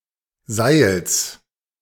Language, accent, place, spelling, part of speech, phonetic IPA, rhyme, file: German, Germany, Berlin, Seils, noun, [zaɪ̯ls], -aɪ̯ls, De-Seils.ogg
- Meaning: genitive singular of Seil